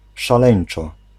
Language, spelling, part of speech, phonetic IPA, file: Polish, szaleńczo, adverb, [ʃaˈlɛ̃j̃n͇t͡ʃɔ], Pl-szaleńczo.ogg